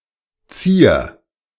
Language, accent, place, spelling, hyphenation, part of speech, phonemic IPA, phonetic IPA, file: German, Germany, Berlin, Zier, Zier, noun, /t͡siːr/, [t͡siːɐ̯], De-Zier.ogg
- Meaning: ornament; decoration; accessory